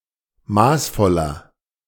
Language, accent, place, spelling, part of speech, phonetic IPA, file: German, Germany, Berlin, maßvoller, adjective, [ˈmaːsˌfɔlɐ], De-maßvoller.ogg
- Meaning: 1. comparative degree of maßvoll 2. inflection of maßvoll: strong/mixed nominative masculine singular 3. inflection of maßvoll: strong genitive/dative feminine singular